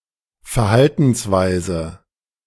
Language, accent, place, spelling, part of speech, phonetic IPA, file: German, Germany, Berlin, Verhaltensweise, noun, [fɛɐ̯ˈhaltn̩sˌvaɪ̯zə], De-Verhaltensweise.ogg
- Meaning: behaviour, conduct